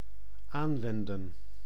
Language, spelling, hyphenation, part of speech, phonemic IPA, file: Dutch, aanwenden, aan‧wen‧den, verb, /ˈaːnˌʋɛndə(n)/, Nl-aanwenden.ogg
- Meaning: to apply, employ